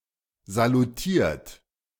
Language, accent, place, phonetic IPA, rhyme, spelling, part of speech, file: German, Germany, Berlin, [zaluˈtiːɐ̯t], -iːɐ̯t, salutiert, verb, De-salutiert.ogg
- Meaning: 1. past participle of salutieren 2. inflection of salutieren: third-person singular present 3. inflection of salutieren: second-person plural present 4. inflection of salutieren: plural imperative